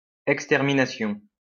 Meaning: extermination
- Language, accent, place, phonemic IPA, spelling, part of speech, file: French, France, Lyon, /ɛk.stɛʁ.mi.na.sjɔ̃/, extermination, noun, LL-Q150 (fra)-extermination.wav